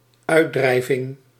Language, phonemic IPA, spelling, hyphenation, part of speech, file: Dutch, /ˈœy̯(t)ˌdrɛi̯.vɪŋ/, uitdrijving, uit‧drij‧ving, noun, Nl-uitdrijving.ogg
- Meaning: expulsion